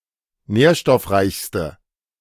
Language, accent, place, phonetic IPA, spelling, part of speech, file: German, Germany, Berlin, [ˈnɛːɐ̯ʃtɔfˌʁaɪ̯çstə], nährstoffreichste, adjective, De-nährstoffreichste.ogg
- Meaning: inflection of nährstoffreich: 1. strong/mixed nominative/accusative feminine singular superlative degree 2. strong nominative/accusative plural superlative degree